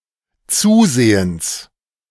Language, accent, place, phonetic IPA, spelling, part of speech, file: German, Germany, Berlin, [ˈt͡suːˌzeːənt͡s], zusehends, adverb, De-zusehends.ogg
- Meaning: 1. noticeably, visibly 2. rapidly